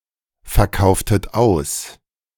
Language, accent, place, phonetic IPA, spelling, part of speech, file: German, Germany, Berlin, [fɛɐ̯ˌkaʊ̯ftət ˈaʊ̯s], verkauftet aus, verb, De-verkauftet aus.ogg
- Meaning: inflection of ausverkaufen: 1. second-person plural preterite 2. second-person plural subjunctive II